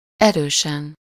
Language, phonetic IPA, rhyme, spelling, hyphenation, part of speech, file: Hungarian, [ˈɛrøːʃɛn], -ɛn, erősen, erő‧sen, adverb, Hu-erősen.ogg
- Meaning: 1. strongly, firmly, intensely 2. really, highly